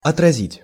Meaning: 1. to repel, to ward off, to refute, to parry 2. to reflect, to mirror
- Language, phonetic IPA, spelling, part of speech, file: Russian, [ɐtrɐˈzʲitʲ], отразить, verb, Ru-отразить.ogg